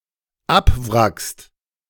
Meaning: second-person singular dependent present of abwracken
- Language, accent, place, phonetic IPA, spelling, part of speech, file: German, Germany, Berlin, [ˈapˌvʁakst], abwrackst, verb, De-abwrackst.ogg